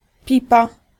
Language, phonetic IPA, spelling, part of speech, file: Polish, [ˈpʲipa], pipa, noun, Pl-pipa.ogg